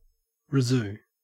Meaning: 1. A fictitious coin of very low value 2. The smallest part or particle imaginable; a whit; a jot
- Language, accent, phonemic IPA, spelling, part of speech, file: English, Australia, /ɹəˈzʉː/, razoo, noun, En-au-razoo.ogg